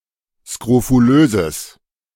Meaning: strong/mixed nominative/accusative neuter singular of skrofulös
- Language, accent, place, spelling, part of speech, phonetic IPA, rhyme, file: German, Germany, Berlin, skrofulöses, adjective, [skʁofuˈløːzəs], -øːzəs, De-skrofulöses.ogg